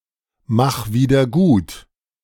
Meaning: 1. singular imperative of wiedergutmachen 2. first-person singular present of wiedergutmachen
- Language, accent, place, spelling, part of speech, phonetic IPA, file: German, Germany, Berlin, mach wieder gut, verb, [max ˌviːdɐ ˈɡuːt], De-mach wieder gut.ogg